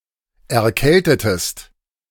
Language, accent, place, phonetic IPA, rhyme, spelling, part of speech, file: German, Germany, Berlin, [ɛɐ̯ˈkɛltətəst], -ɛltətəst, erkältetest, verb, De-erkältetest.ogg
- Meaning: inflection of erkälten: 1. second-person singular preterite 2. second-person singular subjunctive II